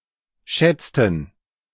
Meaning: inflection of schätzen: 1. first/third-person plural preterite 2. first/third-person plural subjunctive II
- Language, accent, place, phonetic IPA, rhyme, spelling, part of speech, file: German, Germany, Berlin, [ˈʃɛt͡stn̩], -ɛt͡stn̩, schätzten, verb, De-schätzten.ogg